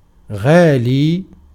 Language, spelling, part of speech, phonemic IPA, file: Arabic, غالي, adjective / noun, /ɣaː.liː/, Ar-غالي.ogg